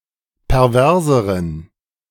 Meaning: inflection of pervers: 1. strong genitive masculine/neuter singular comparative degree 2. weak/mixed genitive/dative all-gender singular comparative degree
- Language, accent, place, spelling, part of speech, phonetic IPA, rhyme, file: German, Germany, Berlin, perverseren, adjective, [pɛʁˈvɛʁzəʁən], -ɛʁzəʁən, De-perverseren.ogg